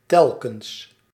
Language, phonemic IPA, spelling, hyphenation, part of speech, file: Dutch, /ˈtɛl.kə(n)s/, telkens, tel‧kens, adverb, Nl-telkens.ogg
- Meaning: 1. in each case, each time 2. repeatedly, time and again